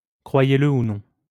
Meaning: believe it or not (you may not believe the following, but it is true)
- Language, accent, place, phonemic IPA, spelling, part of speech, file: French, France, Lyon, /kʁwa.je.lə u nɔ̃/, croyez-le ou non, adverb, LL-Q150 (fra)-croyez-le ou non.wav